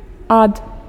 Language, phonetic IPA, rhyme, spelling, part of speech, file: Belarusian, [at], -at, ад, preposition, Be-ад.ogg
- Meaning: 1. from 2. than (used in comparisons, to introduce the basis of comparison)